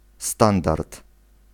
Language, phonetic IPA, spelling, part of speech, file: Polish, [ˈstãndart], standard, noun, Pl-standard.ogg